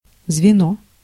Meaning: 1. link (element of a chain) 2. part, branch; team, squad (smallest unit in a hierarchy or sequence) 3. flight, squad
- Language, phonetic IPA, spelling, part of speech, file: Russian, [zvʲɪˈno], звено, noun, Ru-звено.ogg